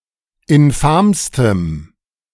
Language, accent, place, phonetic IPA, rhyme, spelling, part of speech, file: German, Germany, Berlin, [ɪnˈfaːmstəm], -aːmstəm, infamstem, adjective, De-infamstem.ogg
- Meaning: strong dative masculine/neuter singular superlative degree of infam